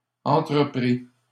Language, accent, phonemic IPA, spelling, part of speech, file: French, Canada, /ɑ̃.tʁə.pʁi/, entreprît, verb, LL-Q150 (fra)-entreprît.wav
- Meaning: third-person singular imperfect subjunctive of entreprendre